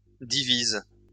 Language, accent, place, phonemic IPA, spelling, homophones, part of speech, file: French, France, Lyon, /di.viz/, divises, divise / divisent, verb, LL-Q150 (fra)-divises.wav
- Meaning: second-person singular present indicative/subjunctive of diviser